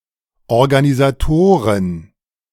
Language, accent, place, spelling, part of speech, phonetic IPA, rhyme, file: German, Germany, Berlin, Organisatoren, noun, [ɔʁɡanizaˈtoːʁən], -oːʁən, De-Organisatoren.ogg
- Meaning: plural of Organisator